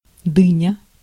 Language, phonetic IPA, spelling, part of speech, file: Russian, [ˈdɨnʲə], дыня, noun, Ru-дыня.ogg
- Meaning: melon